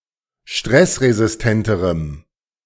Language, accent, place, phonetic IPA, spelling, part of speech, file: German, Germany, Berlin, [ˈʃtʁɛsʁezɪsˌtɛntəʁəm], stressresistenterem, adjective, De-stressresistenterem.ogg
- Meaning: strong dative masculine/neuter singular comparative degree of stressresistent